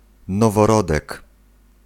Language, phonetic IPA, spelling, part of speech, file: Polish, [ˌnɔvɔˈrɔdɛk], noworodek, noun, Pl-noworodek.ogg